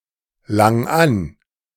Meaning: 1. singular imperative of anlangen 2. first-person singular present of anlangen
- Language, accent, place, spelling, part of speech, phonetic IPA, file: German, Germany, Berlin, lang an, verb, [ˌlaŋ ˈan], De-lang an.ogg